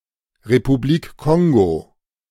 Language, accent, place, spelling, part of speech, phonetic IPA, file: German, Germany, Berlin, Republik Kongo, proper noun, [ʁepuˌbliːk ˈkɔŋɡo], De-Republik Kongo.ogg
- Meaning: Republic of the Congo (a country in Central Africa, the smaller of the two countries named Congo)